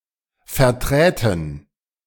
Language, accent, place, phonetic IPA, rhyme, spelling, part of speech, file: German, Germany, Berlin, [fɛɐ̯ˈtʁɛːtn̩], -ɛːtn̩, verträten, verb, De-verträten.ogg
- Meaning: first-person plural subjunctive II of vertreten